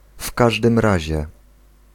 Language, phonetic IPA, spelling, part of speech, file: Polish, [ˈf‿kaʒdɨ̃m ˈraʑɛ], w każdym razie, particle, Pl-w każdym razie.ogg